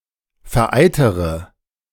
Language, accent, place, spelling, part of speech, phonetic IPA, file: German, Germany, Berlin, vereitertere, adjective, [fɛɐ̯ˈʔaɪ̯tɐtəʁə], De-vereitertere.ogg
- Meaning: inflection of vereitert: 1. strong/mixed nominative/accusative feminine singular comparative degree 2. strong nominative/accusative plural comparative degree